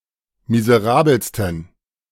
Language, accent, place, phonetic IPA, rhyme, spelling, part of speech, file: German, Germany, Berlin, [mizəˈʁaːbl̩stn̩], -aːbl̩stn̩, miserabelsten, adjective, De-miserabelsten.ogg
- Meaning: 1. superlative degree of miserabel 2. inflection of miserabel: strong genitive masculine/neuter singular superlative degree